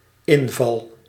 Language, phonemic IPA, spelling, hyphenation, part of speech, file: Dutch, /ˈɪnvɑl/, inval, in‧val, noun / verb, Nl-inval.ogg
- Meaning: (noun) 1. inspiration, brain wave 2. bust, raid 3. incursion, invasion 4. incidence; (verb) first-person singular dependent-clause present indicative of invallen